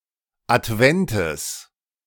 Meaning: genitive singular of Advent
- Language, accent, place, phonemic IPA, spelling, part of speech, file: German, Germany, Berlin, /ʔatˈvɛntəs/, Adventes, noun, De-Adventes.ogg